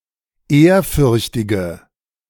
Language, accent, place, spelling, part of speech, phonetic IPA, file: German, Germany, Berlin, ehrfürchtige, adjective, [ˈeːɐ̯ˌfʏʁçtɪɡə], De-ehrfürchtige.ogg
- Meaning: inflection of ehrfürchtig: 1. strong/mixed nominative/accusative feminine singular 2. strong nominative/accusative plural 3. weak nominative all-gender singular